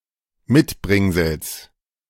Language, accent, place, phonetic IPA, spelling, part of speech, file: German, Germany, Berlin, [ˈmɪtˌbʁɪŋzl̩s], Mitbringsels, noun, De-Mitbringsels.ogg
- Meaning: genitive singular of Mitbringsel